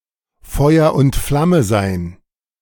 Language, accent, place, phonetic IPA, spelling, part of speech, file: German, Germany, Berlin, [ˈfɔɪ̯ɐ ʊnt ˈflamə zaɪ̯n], Feuer und Flamme sein, verb, De-Feuer und Flamme sein.ogg
- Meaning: to be full of enthusiasm; to be keen as mustard